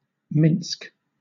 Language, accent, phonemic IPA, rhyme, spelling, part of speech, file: English, Southern England, /mɪnsk/, -ɪnsk, Minsk, proper noun, LL-Q1860 (eng)-Minsk.wav
- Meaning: 1. The capital city of Belarus 2. The Belarusian government